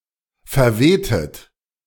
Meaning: inflection of verwehen: 1. second-person plural preterite 2. second-person plural subjunctive II
- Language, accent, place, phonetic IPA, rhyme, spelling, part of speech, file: German, Germany, Berlin, [fɛɐ̯ˈveːtət], -eːtət, verwehtet, verb, De-verwehtet.ogg